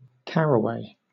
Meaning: 1. A biennial plant of species Carum carvi, native to Europe and Asia, mainly grown for its seed to be used as a culinary spice 2. The seed-like fruit of the caraway plant
- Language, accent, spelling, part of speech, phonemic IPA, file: English, Southern England, caraway, noun, /ˈkæɹəˌweɪ/, LL-Q1860 (eng)-caraway.wav